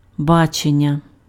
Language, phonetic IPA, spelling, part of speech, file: Ukrainian, [ˈbat͡ʃenʲːɐ], бачення, noun, Uk-бачення.ogg
- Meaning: vision